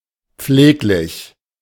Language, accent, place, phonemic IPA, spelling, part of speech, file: German, Germany, Berlin, /ˈpfleːklɪç/, pfleglich, adjective, De-pfleglich.ogg
- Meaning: careful